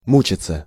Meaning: 1. to agonize, to suffer (to experience pain) 2. to worry, to torment oneself 3. passive of му́чить (múčitʹ)
- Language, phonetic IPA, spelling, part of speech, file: Russian, [ˈmut͡ɕɪt͡sə], мучиться, verb, Ru-мучиться.ogg